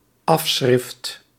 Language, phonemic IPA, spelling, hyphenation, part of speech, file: Dutch, /ˈɑf.sxrɪft/, afschrift, af‧schrift, noun, Nl-afschrift.ogg
- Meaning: copy, print (printed extract or replication)